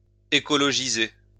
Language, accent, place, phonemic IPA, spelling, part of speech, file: French, France, Lyon, /e.kɔ.lɔ.ʒi.ze/, écologiser, verb, LL-Q150 (fra)-écologiser.wav
- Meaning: to green (make more ecologically-friendly)